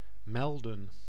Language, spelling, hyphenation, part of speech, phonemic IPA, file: Dutch, melden, mel‧den, verb, /ˈmɛldə(n)/, Nl-melden.ogg
- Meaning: 1. to report, to communicate; let know 2. to inform, to let know, to give an update